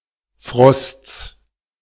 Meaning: genitive singular of Frost
- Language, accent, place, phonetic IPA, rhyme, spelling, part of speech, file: German, Germany, Berlin, [fʁɔst͡s], -ɔst͡s, Frosts, noun, De-Frosts.ogg